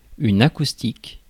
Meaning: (adjective) acoustic; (noun) acoustics
- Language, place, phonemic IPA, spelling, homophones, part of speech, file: French, Paris, /a.kus.tik/, acoustique, acoustiques, adjective / noun, Fr-acoustique.ogg